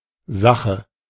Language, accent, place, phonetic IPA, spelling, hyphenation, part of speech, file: German, Germany, Berlin, [ˈzäχə], Sache, Sa‧che, noun, De-Sache.ogg
- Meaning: 1. matter, affair, case, question, issue 2. thing, object 3. thing, piece of property 4. cause, action 5. subject, matter, business 6. kilometres per hour